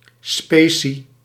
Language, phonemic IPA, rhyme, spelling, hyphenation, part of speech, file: Dutch, /ˈspeː.si/, -eːsi, specie, spe‧cie, noun, Nl-specie.ogg
- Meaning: 1. mortar (mixture of lime or cement, sand and water) 2. material used in casting 3. coinage, specie, coins